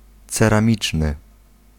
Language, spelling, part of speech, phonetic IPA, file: Polish, ceramiczny, adjective, [ˌt͡sɛrãˈmʲit͡ʃnɨ], Pl-ceramiczny.ogg